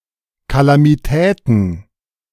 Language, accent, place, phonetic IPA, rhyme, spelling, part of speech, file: German, Germany, Berlin, [ˌkalamiˈtɛːtn̩], -ɛːtn̩, Kalamitäten, noun, De-Kalamitäten.ogg
- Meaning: plural of Kalamität